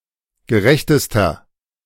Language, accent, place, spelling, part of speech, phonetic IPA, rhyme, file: German, Germany, Berlin, gerechtester, adjective, [ɡəˈʁɛçtəstɐ], -ɛçtəstɐ, De-gerechtester.ogg
- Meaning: inflection of gerecht: 1. strong/mixed nominative masculine singular superlative degree 2. strong genitive/dative feminine singular superlative degree 3. strong genitive plural superlative degree